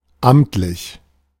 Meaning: official; ministerial (of or by a state or regional authority)
- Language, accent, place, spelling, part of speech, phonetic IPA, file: German, Germany, Berlin, amtlich, adjective, [ˈʔam(p)t.lɪç], De-amtlich.ogg